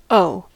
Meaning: 1. To be under an obligation to give something back to someone or to perform some action for someone 2. To have debt; to be in debt 3. To have as a cause; used with to
- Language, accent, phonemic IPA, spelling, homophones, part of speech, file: English, US, /oʊ/, owe, o / O, verb, En-us-owe.ogg